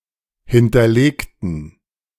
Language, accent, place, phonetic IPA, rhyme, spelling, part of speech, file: German, Germany, Berlin, [ˌhɪntɐˈleːktn̩], -eːktn̩, hinterlegten, adjective / verb, De-hinterlegten.ogg
- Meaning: inflection of hinterlegen: 1. first/third-person plural preterite 2. first/third-person plural subjunctive II